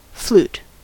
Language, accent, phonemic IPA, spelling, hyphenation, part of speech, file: English, US, /flu(ː)t/, flute, flute, noun / verb, En-us-flute.ogg